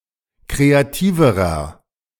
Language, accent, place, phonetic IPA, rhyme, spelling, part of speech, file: German, Germany, Berlin, [ˌkʁeaˈtiːvəʁɐ], -iːvəʁɐ, kreativerer, adjective, De-kreativerer.ogg
- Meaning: inflection of kreativ: 1. strong/mixed nominative masculine singular comparative degree 2. strong genitive/dative feminine singular comparative degree 3. strong genitive plural comparative degree